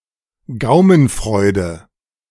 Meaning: delicacy (pleasing food)
- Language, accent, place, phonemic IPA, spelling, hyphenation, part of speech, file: German, Germany, Berlin, /ˈɡaʊ̯mənˌfʁɔɪ̯də/, Gaumenfreude, Gau‧men‧freu‧de, noun, De-Gaumenfreude.ogg